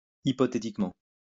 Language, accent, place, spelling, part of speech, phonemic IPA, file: French, France, Lyon, hypothétiquement, adverb, /i.pɔ.te.tik.mɑ̃/, LL-Q150 (fra)-hypothétiquement.wav
- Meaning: hypothetically